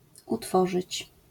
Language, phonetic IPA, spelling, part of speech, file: Polish, [uˈtfɔʒɨt͡ɕ], utworzyć, verb, LL-Q809 (pol)-utworzyć.wav